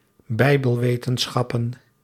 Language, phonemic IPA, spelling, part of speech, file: Dutch, /ˈbɛibəlˌwetə(n)ˌsxɑpə(n)/, bijbelwetenschappen, noun, Nl-bijbelwetenschappen.ogg
- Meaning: plural of bijbelwetenschap